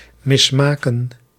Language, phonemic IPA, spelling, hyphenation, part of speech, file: Dutch, /ˌmɪsˈmaːkə(n)/, mismaken, mis‧ma‧ken, verb, Nl-mismaken.ogg
- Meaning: 1. to deform, to defeature 2. to mismake, to fail to make